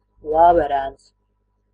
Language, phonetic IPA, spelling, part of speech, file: Latvian, [vāːvɛɾɛ̄ːns], vāverēns, noun, Lv-vāverēns.ogg
- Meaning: baby squirrel